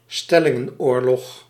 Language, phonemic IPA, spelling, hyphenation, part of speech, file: Dutch, /ˈstɛ.lɪ.ŋə(n)ˌoːr.lɔx/, stellingenoorlog, stel‧lin‧gen‧oor‧log, noun, Nl-stellingenoorlog.ogg
- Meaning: war of position, positional war